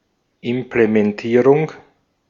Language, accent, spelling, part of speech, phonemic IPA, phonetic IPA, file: German, Austria, Implementierung, noun, /ɪmpləmɛnˈtiːʁʊŋ/, [ʔɪmpləmɛnˈtʰiːʁʊŋ], De-at-Implementierung.ogg
- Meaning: implementation